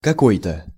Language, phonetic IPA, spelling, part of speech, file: Russian, [kɐˈkoj‿tə], какой-то, pronoun, Ru-какой-то.ogg
- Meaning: 1. some, a/an (certain, unspecified or unknown) 2. a kind of, a sort of; something like